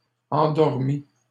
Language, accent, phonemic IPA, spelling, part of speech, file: French, Canada, /ɑ̃.dɔʁ.mi/, endormies, adjective / verb, LL-Q150 (fra)-endormies.wav
- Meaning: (adjective) feminine plural of endormi